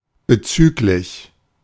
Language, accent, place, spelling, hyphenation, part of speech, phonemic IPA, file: German, Germany, Berlin, bezüglich, be‧züg‧lich, preposition / adjective, /bəˈt͡syːklɪç/, De-bezüglich.ogg
- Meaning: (preposition) regarding, with respect to; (adjective) referential